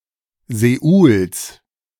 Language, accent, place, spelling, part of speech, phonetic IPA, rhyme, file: German, Germany, Berlin, Seouls, noun, [sɔʊ̯ls], -ɔʊ̯ls, De-Seouls.ogg
- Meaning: genitive of Seoul